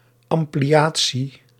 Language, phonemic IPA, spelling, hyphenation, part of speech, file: Dutch, /ˌɑm.pliˈaː.(t)si/, ampliatie, am‧pli‧a‧tie, noun, Nl-ampliatie.ogg
- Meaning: expansion, addition, especially of a law or provision